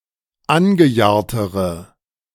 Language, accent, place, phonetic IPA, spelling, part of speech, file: German, Germany, Berlin, [ˈanɡəˌjaːɐ̯təʁə], angejahrtere, adjective, De-angejahrtere.ogg
- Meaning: inflection of angejahrt: 1. strong/mixed nominative/accusative feminine singular comparative degree 2. strong nominative/accusative plural comparative degree